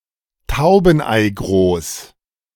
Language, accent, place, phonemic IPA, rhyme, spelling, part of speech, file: German, Germany, Berlin, /ˈtaʊ̯bn̩ʔaɪ̯ˌɡʁoːs/, -oːs, taubeneigroß, adjective, De-taubeneigroß.ogg
- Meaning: pigeon-egg-sized